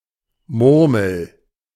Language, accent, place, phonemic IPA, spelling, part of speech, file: German, Germany, Berlin, /ˈmʊrməl/, Murmel, noun, De-Murmel.ogg
- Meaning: 1. marble (small glass ball) 2. any ball or ball-like object, especially: football, soccer ball 3. any ball or ball-like object, especially: testicle